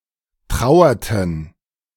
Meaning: inflection of trauern: 1. first/third-person plural preterite 2. first/third-person plural subjunctive II
- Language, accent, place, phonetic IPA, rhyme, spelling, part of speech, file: German, Germany, Berlin, [ˈtʁaʊ̯ɐtn̩], -aʊ̯ɐtn̩, trauerten, verb, De-trauerten.ogg